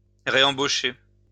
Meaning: to rehire (workers)
- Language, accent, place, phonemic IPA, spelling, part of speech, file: French, France, Lyon, /ʁe.ɑ̃.bo.ʃe/, réembaucher, verb, LL-Q150 (fra)-réembaucher.wav